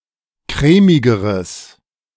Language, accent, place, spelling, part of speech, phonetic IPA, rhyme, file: German, Germany, Berlin, crèmigeres, adjective, [ˈkʁɛːmɪɡəʁəs], -ɛːmɪɡəʁəs, De-crèmigeres.ogg
- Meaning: strong/mixed nominative/accusative neuter singular comparative degree of crèmig